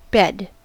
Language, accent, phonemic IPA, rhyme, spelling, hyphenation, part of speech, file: English, General American, /bɛd/, -ɛd, bed, bed, noun / verb, En-us-bed.ogg
- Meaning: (noun) 1. A piece of furniture, usually flat and soft, on which to rest or sleep 2. A piece of furniture, usually flat and soft, on which to rest or sleep.: A mattress